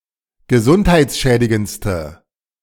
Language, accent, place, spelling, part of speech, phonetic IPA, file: German, Germany, Berlin, gesundheitsschädigendste, adjective, [ɡəˈzʊnthaɪ̯t͡sˌʃɛːdɪɡənt͡stə], De-gesundheitsschädigendste.ogg
- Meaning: inflection of gesundheitsschädigend: 1. strong/mixed nominative/accusative feminine singular superlative degree 2. strong nominative/accusative plural superlative degree